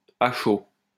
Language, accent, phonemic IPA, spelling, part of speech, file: French, France, /a ʃo/, à chaud, adverb, LL-Q150 (fra)-à chaud.wav
- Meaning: 1. when the material is hot 2. immediately, spontaneously, in the heat of the moment, off the cuff, without allowing things to cool off, without thinking